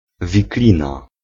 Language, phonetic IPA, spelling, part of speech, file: Polish, [vʲikˈlʲĩna], wiklina, noun, Pl-wiklina.ogg